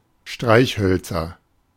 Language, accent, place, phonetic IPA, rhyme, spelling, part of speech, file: German, Germany, Berlin, [ˈʃtʁaɪ̯çˌhœlt͡sɐ], -aɪ̯çhœlt͡sɐ, Streichhölzer, noun, De-Streichhölzer.ogg
- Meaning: nominative/accusative/genitive plural of Streichholz (“match”)